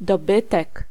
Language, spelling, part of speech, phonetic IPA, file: Polish, dobytek, noun, [dɔˈbɨtɛk], Pl-dobytek.ogg